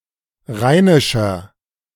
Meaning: inflection of rheinisch: 1. strong/mixed nominative masculine singular 2. strong genitive/dative feminine singular 3. strong genitive plural
- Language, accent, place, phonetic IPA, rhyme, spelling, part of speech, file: German, Germany, Berlin, [ˈʁaɪ̯nɪʃɐ], -aɪ̯nɪʃɐ, rheinischer, adjective, De-rheinischer.ogg